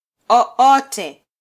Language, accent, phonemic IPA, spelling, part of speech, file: Swahili, Kenya, /ɔˈɔ.tɛ/, o-ote, adjective, Sw-ke-o-ote.flac
- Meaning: any